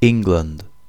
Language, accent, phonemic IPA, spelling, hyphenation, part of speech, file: English, UK, /ˈɪŋ.ɡlənd/, England, Eng‧land, proper noun, En-uk-England.ogg
- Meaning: The largest and most populous constituent country of the United Kingdom; established in southern Britain by Aethelstan of Wessex in 927